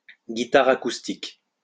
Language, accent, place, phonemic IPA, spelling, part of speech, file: French, France, Lyon, /ɡi.ta.ʁ‿a.kus.tik/, guitare acoustique, noun, LL-Q150 (fra)-guitare acoustique.wav
- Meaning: acoustic guitar